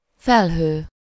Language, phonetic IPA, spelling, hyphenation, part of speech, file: Hungarian, [ˈfɛlɦøː], felhő, fel‧hő, noun, Hu-felhő.ogg
- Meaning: 1. cloud (a visible mass of water droplets suspended in the air) 2. cloud (a group or swarm, especially suspended above the ground or flying) 3. perilous or concerning phenomenon